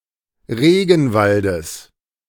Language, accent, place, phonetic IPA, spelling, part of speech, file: German, Germany, Berlin, [ˈʁeːɡn̩ˌvaldəs], Regenwaldes, noun, De-Regenwaldes.ogg
- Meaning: genitive singular of Regenwald